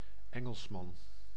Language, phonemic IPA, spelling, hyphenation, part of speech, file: Dutch, /ˈɛ.ŋəlsˌmɑn/, Engelsman, En‧gels‧man, noun, Nl-Engelsman.ogg
- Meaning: Englishman